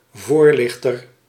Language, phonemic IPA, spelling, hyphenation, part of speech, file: Dutch, /ˈvoːrˌlɪx.tər/, voorlichter, voor‧lich‧ter, noun, Nl-voorlichter.ogg
- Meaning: informer, educator, counseller (one who raises awareness)